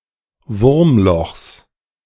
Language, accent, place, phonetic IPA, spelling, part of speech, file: German, Germany, Berlin, [ˈvʊʁmˌlɔxs], Wurmlochs, noun, De-Wurmlochs.ogg
- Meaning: genitive singular of Wurmloch